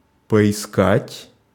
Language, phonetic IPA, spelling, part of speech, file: Russian, [pəɪˈskatʲ], поискать, verb, Ru-поискать.ogg
- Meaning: to look for, to search (for some time)